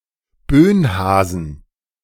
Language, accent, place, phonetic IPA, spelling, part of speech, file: German, Germany, Berlin, [ˈbøːnˌhaːzn̩], Bönhasen, noun, De-Bönhasen.ogg
- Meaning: plural of Bönhase